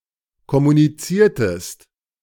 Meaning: inflection of kommunizieren: 1. second-person singular preterite 2. second-person singular subjunctive II
- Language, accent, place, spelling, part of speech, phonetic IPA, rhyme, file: German, Germany, Berlin, kommuniziertest, verb, [kɔmuniˈt͡siːɐ̯təst], -iːɐ̯təst, De-kommuniziertest.ogg